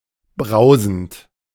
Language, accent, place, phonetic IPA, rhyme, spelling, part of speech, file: German, Germany, Berlin, [ˈbʁaʊ̯zn̩t], -aʊ̯zn̩t, brausend, verb, De-brausend.ogg
- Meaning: present participle of brausen